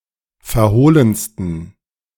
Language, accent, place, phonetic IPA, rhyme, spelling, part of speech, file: German, Germany, Berlin, [fɛɐ̯ˈhoːlənstn̩], -oːlənstn̩, verhohlensten, adjective, De-verhohlensten.ogg
- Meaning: 1. superlative degree of verhohlen 2. inflection of verhohlen: strong genitive masculine/neuter singular superlative degree